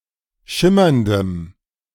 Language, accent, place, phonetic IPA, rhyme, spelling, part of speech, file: German, Germany, Berlin, [ˈʃɪmɐndəm], -ɪmɐndəm, schimmerndem, adjective, De-schimmerndem.ogg
- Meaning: strong dative masculine/neuter singular of schimmernd